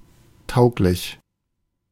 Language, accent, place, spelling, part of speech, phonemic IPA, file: German, Germany, Berlin, tauglich, adjective, /ˈtaʊ̯klɪç/, De-tauglich.ogg
- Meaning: fit, suited